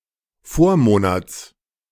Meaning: genitive singular of Vormonat
- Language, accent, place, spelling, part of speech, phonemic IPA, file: German, Germany, Berlin, Vormonats, noun, /ˈfoːɐ̯ˌmoːnats/, De-Vormonats.ogg